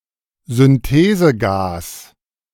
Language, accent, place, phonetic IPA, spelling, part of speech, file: German, Germany, Berlin, [zʏnˈteːzəˌɡaːs], Synthesegas, noun, De-Synthesegas.ogg
- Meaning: synthesis gas, syngas